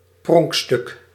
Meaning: 1. showpiece, centerpiece 2. prize, gem, jewel
- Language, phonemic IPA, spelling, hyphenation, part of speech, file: Dutch, /ˈprɔŋk.stʏk/, pronkstuk, pronk‧stuk, noun, Nl-pronkstuk.ogg